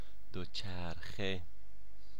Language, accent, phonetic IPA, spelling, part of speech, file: Persian, Iran, [d̪o.t͡ʃʰæɹ.xe], دوچرخه, noun, Fa-دوچرخه.ogg
- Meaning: bicycle